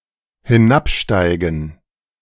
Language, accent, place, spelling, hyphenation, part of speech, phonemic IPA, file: German, Germany, Berlin, hinabsteigen, hi‧n‧ab‧stei‧gen, verb, /hiˈnapˌʃtaɪ̯ɡn̩/, De-hinabsteigen.ogg
- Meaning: to descend, go down (away from speaker)